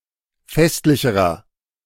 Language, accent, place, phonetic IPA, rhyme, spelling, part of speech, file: German, Germany, Berlin, [ˈfɛstlɪçəʁɐ], -ɛstlɪçəʁɐ, festlicherer, adjective, De-festlicherer.ogg
- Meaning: inflection of festlich: 1. strong/mixed nominative masculine singular comparative degree 2. strong genitive/dative feminine singular comparative degree 3. strong genitive plural comparative degree